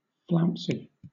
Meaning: 1. Moving with a flounce (“a bouncy, exaggerated manner; an act of departing in a dramatic, haughty way that draws attention to oneself”) 2. Calling attention; flashy, showy; also, elaborate; fancy
- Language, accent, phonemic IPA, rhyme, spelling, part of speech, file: English, Southern England, /ˈflaʊnsi/, -aʊnsi, flouncy, adjective, LL-Q1860 (eng)-flouncy.wav